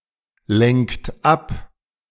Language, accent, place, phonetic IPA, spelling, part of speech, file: German, Germany, Berlin, [ˌlɛŋkt ˈap], lenkt ab, verb, De-lenkt ab.ogg
- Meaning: inflection of ablenken: 1. third-person singular present 2. second-person plural present 3. plural imperative